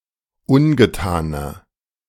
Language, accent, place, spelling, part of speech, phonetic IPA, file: German, Germany, Berlin, ungetaner, adjective, [ˈʊnɡəˌtaːnɐ], De-ungetaner.ogg
- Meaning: inflection of ungetan: 1. strong/mixed nominative masculine singular 2. strong genitive/dative feminine singular 3. strong genitive plural